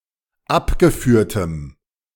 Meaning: strong dative masculine/neuter singular of abgeführt
- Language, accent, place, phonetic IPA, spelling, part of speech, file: German, Germany, Berlin, [ˈapɡəˌfyːɐ̯təm], abgeführtem, adjective, De-abgeführtem.ogg